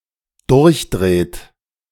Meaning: inflection of durchdrehen: 1. third-person singular dependent present 2. second-person plural dependent present
- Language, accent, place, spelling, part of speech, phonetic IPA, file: German, Germany, Berlin, durchdreht, verb, [ˈdʊʁçˌdʁeːt], De-durchdreht.ogg